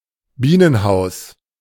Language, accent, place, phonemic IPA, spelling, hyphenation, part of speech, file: German, Germany, Berlin, /ˈbiːnənˌhaʊ̯s/, Bienenhaus, Bie‧nen‧haus, noun, De-Bienenhaus.ogg
- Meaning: apiary, bee yard